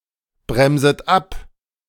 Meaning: second-person plural subjunctive I of abbremsen
- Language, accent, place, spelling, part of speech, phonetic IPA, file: German, Germany, Berlin, bremset ab, verb, [ˌbʁɛmzət ˈap], De-bremset ab.ogg